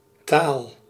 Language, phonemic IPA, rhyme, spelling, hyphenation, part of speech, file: Dutch, /taːl/, -aːl, taal, taal, noun, Nl-taal.ogg
- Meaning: 1. language (form of communication consisting of vocabulary and grammar) 2. language (capability to communicate with words) 3. language (means or manner of expression)